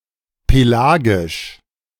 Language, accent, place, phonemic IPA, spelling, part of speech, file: German, Germany, Berlin, /peˈlaːɡɪʃ/, pelagisch, adjective, De-pelagisch.ogg
- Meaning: pelagic